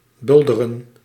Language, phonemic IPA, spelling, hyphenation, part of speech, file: Dutch, /ˈbʏldərə(n)/, bulderen, bul‧de‧ren, verb, Nl-bulderen.ogg
- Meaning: 1. to thunder, to make a thunderous sound 2. to shout, to roar